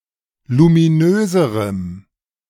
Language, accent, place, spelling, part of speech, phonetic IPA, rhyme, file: German, Germany, Berlin, luminöserem, adjective, [lumiˈnøːzəʁəm], -øːzəʁəm, De-luminöserem.ogg
- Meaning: strong dative masculine/neuter singular comparative degree of luminös